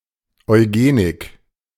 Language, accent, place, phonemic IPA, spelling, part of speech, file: German, Germany, Berlin, /ɔɪ̯ˈɡeːnɪk/, Eugenik, noun, De-Eugenik.ogg
- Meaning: eugenics